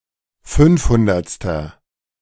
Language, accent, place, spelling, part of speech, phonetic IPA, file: German, Germany, Berlin, fünfhundertster, adjective, [ˈfʏnfˌhʊndɐt͡stɐ], De-fünfhundertster.ogg
- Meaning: inflection of fünfhundertste: 1. strong/mixed nominative masculine singular 2. strong genitive/dative feminine singular 3. strong genitive plural